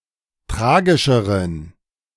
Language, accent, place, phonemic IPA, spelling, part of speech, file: German, Germany, Berlin, /ˈtʁaːɡɪʃəʁən/, tragischeren, adjective, De-tragischeren.ogg
- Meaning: inflection of tragischer: 1. strong genitive masculine/neuter singular 2. weak/mixed genitive/dative all-gender singular 3. strong/weak/mixed accusative masculine singular 4. strong dative plural